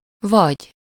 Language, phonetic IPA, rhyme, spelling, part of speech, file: Hungarian, [ˈvɒɟ], -ɒɟ, vagy, conjunction / adverb / verb, Hu-vagy.ogg
- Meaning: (conjunction) 1. or 2. either … or …; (adverb) about, like; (verb) second-person singular indicative present indefinite of van: you are (informal, familiar)